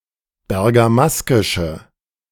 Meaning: inflection of bergamaskisch: 1. strong/mixed nominative/accusative feminine singular 2. strong nominative/accusative plural 3. weak nominative all-gender singular
- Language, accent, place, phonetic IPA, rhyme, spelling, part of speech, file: German, Germany, Berlin, [bɛʁɡaˈmaskɪʃə], -askɪʃə, bergamaskische, adjective, De-bergamaskische.ogg